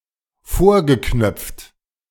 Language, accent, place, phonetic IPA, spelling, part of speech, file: German, Germany, Berlin, [ˈfoːɐ̯ɡəˌknœp͡ft], vorgeknöpft, verb, De-vorgeknöpft.ogg
- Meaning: past participle of vorknöpfen